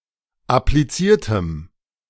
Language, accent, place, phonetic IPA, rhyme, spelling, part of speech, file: German, Germany, Berlin, [apliˈt͡siːɐ̯təm], -iːɐ̯təm, appliziertem, adjective, De-appliziertem.ogg
- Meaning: strong dative masculine/neuter singular of appliziert